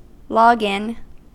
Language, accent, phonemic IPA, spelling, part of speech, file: English, US, /ˈlɒɡ.ɪn/, login, noun / verb, En-us-login.ogg
- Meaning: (noun) 1. Credentials: the combination of a user's identification and password used to enter a computer, program, network, etc 2. The process or an instance of logging in; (verb) Misspelling of log in